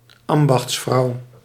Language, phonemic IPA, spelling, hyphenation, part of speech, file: Dutch, /ˈɑm.bɑxtsˌfrɑu̯/, ambachtsvrouw, am‧bachts‧vrouw, noun, Nl-ambachtsvrouw.ogg
- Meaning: 1. tradeswoman, craftswoman (woman who is engaged in a (manual) trade) 2. alternative form of ambachtsvrouwe